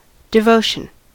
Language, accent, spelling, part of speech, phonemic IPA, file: English, US, devotion, noun, /dɪˈvoʊʃən/, En-us-devotion.ogg
- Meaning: 1. The act or state of devoting or being devoted; a feeling of being devoted (to something) 2. Religious veneration, zeal, or piety 3. A prayer (often found in the plural) 4. Religious offerings; alms